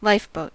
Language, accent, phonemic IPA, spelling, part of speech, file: English, US, /ˈlaɪfˌboʊt/, lifeboat, noun / verb, En-us-lifeboat.ogg
- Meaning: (noun) A boat especially designed for saving the lives of shipwrecked people or people in distress at sea (either launched from the shore with a crew, or else carried on board a larger ship)